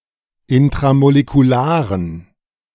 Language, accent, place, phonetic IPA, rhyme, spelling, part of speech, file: German, Germany, Berlin, [ɪntʁamolekuˈlaːʁən], -aːʁən, intramolekularen, adjective, De-intramolekularen.ogg
- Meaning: inflection of intramolekular: 1. strong genitive masculine/neuter singular 2. weak/mixed genitive/dative all-gender singular 3. strong/weak/mixed accusative masculine singular 4. strong dative plural